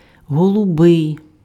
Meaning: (adjective) light blue; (noun) gay man
- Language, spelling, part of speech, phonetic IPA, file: Ukrainian, голубий, adjective / noun, [ɦɔɫʊˈbɪi̯], Uk-голубий.ogg